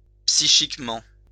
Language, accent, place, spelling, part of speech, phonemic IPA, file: French, France, Lyon, psychiquement, adverb, /psi.ʃik.mɑ̃/, LL-Q150 (fra)-psychiquement.wav
- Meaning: psychically